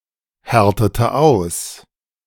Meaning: inflection of aushärten: 1. first/third-person singular preterite 2. first/third-person singular subjunctive II
- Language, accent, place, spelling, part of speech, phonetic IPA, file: German, Germany, Berlin, härtete aus, verb, [ˌhɛʁtətə ˈaʊ̯s], De-härtete aus.ogg